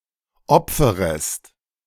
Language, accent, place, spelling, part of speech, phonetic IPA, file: German, Germany, Berlin, opferest, verb, [ˈɔp͡fəʁəst], De-opferest.ogg
- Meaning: second-person singular subjunctive I of opfern